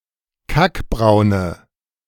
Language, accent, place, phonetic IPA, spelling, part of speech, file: German, Germany, Berlin, [ˈkakˌbʁaʊ̯nə], kackbraune, adjective, De-kackbraune.ogg
- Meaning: inflection of kackbraun: 1. strong/mixed nominative/accusative feminine singular 2. strong nominative/accusative plural 3. weak nominative all-gender singular